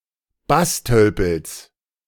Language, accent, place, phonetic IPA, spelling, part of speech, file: German, Germany, Berlin, [ˈbasˌtœlpl̩s], Basstölpels, noun, De-Basstölpels.ogg
- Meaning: genitive singular of Basstölpel